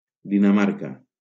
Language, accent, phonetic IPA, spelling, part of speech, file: Catalan, Valencia, [di.naˈmaɾ.ka], Dinamarca, proper noun, LL-Q7026 (cat)-Dinamarca.wav
- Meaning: Denmark (a country in Northern Europe)